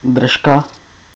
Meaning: 1. muzzle (the protruding part of many animal's head which includes nose, mouth and jaws) 2. tripe (the lining of the large stomach of ruminating animals, when prepared for food)
- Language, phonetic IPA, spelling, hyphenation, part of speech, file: Czech, [ˈdr̩ʃka], držka, drž‧ka, noun, Cs-držka.ogg